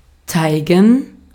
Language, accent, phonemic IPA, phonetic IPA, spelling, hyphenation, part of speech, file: German, Austria, /ˈt͡saɪ̯ɡən/, [ˈt͡saɪ̯ɡŋ̍], zeigen, zei‧gen, verb, De-at-zeigen.ogg
- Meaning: to show, make see: 1. to point 2. to exhibit, allow to see 3. to exhibit, allow to see: to face reveal, to show one's face 4. to display, to manifest 5. to demonstrate, explain by doing